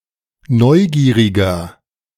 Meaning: 1. comparative degree of neugierig 2. inflection of neugierig: strong/mixed nominative masculine singular 3. inflection of neugierig: strong genitive/dative feminine singular
- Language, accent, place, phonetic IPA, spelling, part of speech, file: German, Germany, Berlin, [ˈnɔɪ̯ˌɡiːʁɪɡɐ], neugieriger, adjective, De-neugieriger.ogg